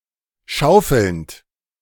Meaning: present participle of schaufeln
- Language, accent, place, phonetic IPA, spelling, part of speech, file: German, Germany, Berlin, [ˈʃaʊ̯fl̩nt], schaufelnd, verb, De-schaufelnd.ogg